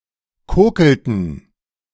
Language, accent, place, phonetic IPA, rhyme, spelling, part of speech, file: German, Germany, Berlin, [ˈkoːkl̩tn̩], -oːkl̩tn̩, kokelten, verb, De-kokelten.ogg
- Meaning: inflection of kokeln: 1. first/third-person plural preterite 2. first/third-person plural subjunctive II